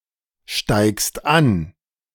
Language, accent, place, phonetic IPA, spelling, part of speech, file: German, Germany, Berlin, [ˌʃtaɪ̯kst ˈan], steigst an, verb, De-steigst an.ogg
- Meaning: second-person singular present of ansteigen